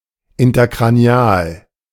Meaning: intercranial
- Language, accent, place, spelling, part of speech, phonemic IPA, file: German, Germany, Berlin, interkranial, adjective, /ɪntɐkʁaˈni̯aːl/, De-interkranial.ogg